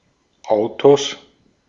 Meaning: 1. genitive singular of Auto 2. plural of Auto
- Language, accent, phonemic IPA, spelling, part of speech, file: German, Austria, /ˈaʊ̯toːs/, Autos, noun, De-at-Autos.ogg